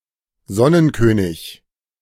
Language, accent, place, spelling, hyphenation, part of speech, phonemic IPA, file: German, Germany, Berlin, Sonnenkönig, Son‧nen‧kö‧nig, proper noun, /ˈzɔnənˌkøːnɪç/, De-Sonnenkönig.ogg
- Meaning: Sun King